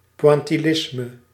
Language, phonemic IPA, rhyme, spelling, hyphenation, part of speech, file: Dutch, /ˌpʋɑn.tiˈlɪs.mə/, -ɪsmə, pointillisme, poin‧til‧lis‧me, noun, Nl-pointillisme.ogg
- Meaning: pointillism